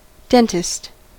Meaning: 1. A medical doctor who specializes in teeth 2. Deliberate misspelling of Dengist
- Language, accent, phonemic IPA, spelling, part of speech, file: English, US, /ˈdɛntɪst/, dentist, noun, En-us-dentist.ogg